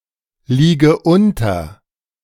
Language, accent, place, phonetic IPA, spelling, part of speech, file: German, Germany, Berlin, [ˌliːɡə ˈʊntɐ], liege unter, verb, De-liege unter.ogg
- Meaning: inflection of unterliegen: 1. first-person singular present 2. first/third-person singular subjunctive I 3. singular imperative